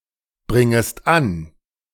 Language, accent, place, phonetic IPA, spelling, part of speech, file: German, Germany, Berlin, [ˌbʁɪŋəst ˈan], bringest an, verb, De-bringest an.ogg
- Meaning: second-person singular subjunctive I of anbringen